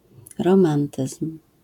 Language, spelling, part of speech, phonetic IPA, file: Polish, romantyzm, noun, [rɔ̃ˈmãntɨsm̥], LL-Q809 (pol)-romantyzm.wav